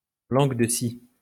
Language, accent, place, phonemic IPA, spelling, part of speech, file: French, France, Lyon, /lɑ̃ɡ də si/, langue de si, noun, LL-Q150 (fra)-langue de si.wav
- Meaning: any of the Old Spanish dialects during the Middle Ages